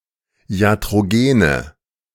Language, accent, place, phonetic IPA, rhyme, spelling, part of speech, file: German, Germany, Berlin, [i̯atʁoˈɡeːnə], -eːnə, iatrogene, adjective, De-iatrogene.ogg
- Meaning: inflection of iatrogen: 1. strong/mixed nominative/accusative feminine singular 2. strong nominative/accusative plural 3. weak nominative all-gender singular